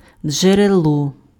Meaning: 1. spring (place where water emerges from the ground) 2. source
- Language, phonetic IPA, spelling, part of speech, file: Ukrainian, [d͡ʒereˈɫɔ], джерело, noun, Uk-джерело.ogg